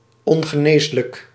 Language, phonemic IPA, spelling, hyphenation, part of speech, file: Dutch, /ˌɔŋ.ɣəˈneːs.lək/, ongeneeslijk, on‧ge‧nees‧lijk, adjective, Nl-ongeneeslijk.ogg
- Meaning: incurable, untreatable